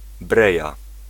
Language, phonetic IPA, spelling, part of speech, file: Polish, [ˈbrɛja], breja, noun, Pl-breja.ogg